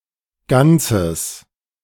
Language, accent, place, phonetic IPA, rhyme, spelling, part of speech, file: German, Germany, Berlin, [ˈɡant͡səs], -ant͡səs, ganzes, adjective, De-ganzes.ogg
- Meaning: strong/mixed nominative/accusative neuter singular of ganz